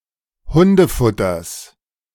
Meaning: genitive singular of Hundefutter
- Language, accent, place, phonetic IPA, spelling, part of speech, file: German, Germany, Berlin, [ˈhʊndəˌfʊtɐs], Hundefutters, noun, De-Hundefutters.ogg